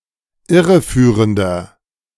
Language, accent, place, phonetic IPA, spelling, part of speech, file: German, Germany, Berlin, [ˈɪʁəˌfyːʁəndɐ], irreführender, adjective, De-irreführender.ogg
- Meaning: 1. comparative degree of irreführend 2. inflection of irreführend: strong/mixed nominative masculine singular 3. inflection of irreführend: strong genitive/dative feminine singular